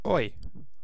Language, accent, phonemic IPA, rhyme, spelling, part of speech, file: English, UK, /ɔɪ/, -ɔɪ, oi, interjection / noun / pronoun, En-uk-oi.ogg
- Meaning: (interjection) 1. Said to get someone's attention; hey 2. An expression of surprise 3. An informal greeting, similar to hi; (noun) An exclamation of 'oi'